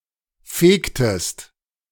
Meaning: inflection of fegen: 1. second-person singular preterite 2. second-person singular subjunctive II
- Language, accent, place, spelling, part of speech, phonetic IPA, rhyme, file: German, Germany, Berlin, fegtest, verb, [ˈfeːktəst], -eːktəst, De-fegtest.ogg